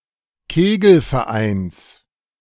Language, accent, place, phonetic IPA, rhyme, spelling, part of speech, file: German, Germany, Berlin, [ˈkeːɡl̩fɛɐ̯ˌʔaɪ̯ns], -eːɡl̩fɛɐ̯ʔaɪ̯ns, Kegelvereins, noun, De-Kegelvereins.ogg
- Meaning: genitive singular of Kegelverein